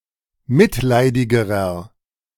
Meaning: inflection of mitleidig: 1. strong/mixed nominative masculine singular comparative degree 2. strong genitive/dative feminine singular comparative degree 3. strong genitive plural comparative degree
- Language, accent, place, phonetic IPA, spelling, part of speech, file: German, Germany, Berlin, [ˈmɪtˌlaɪ̯dɪɡəʁɐ], mitleidigerer, adjective, De-mitleidigerer.ogg